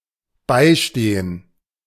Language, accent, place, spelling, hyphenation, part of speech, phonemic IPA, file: German, Germany, Berlin, beistehen, bei‧ste‧hen, verb, /ˈbaɪ̯ʃteːən/, De-beistehen.ogg
- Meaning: to assist